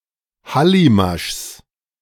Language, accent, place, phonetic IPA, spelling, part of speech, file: German, Germany, Berlin, [ˈhalimaʃs], Hallimaschs, noun, De-Hallimaschs.ogg
- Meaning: genitive of Hallimasch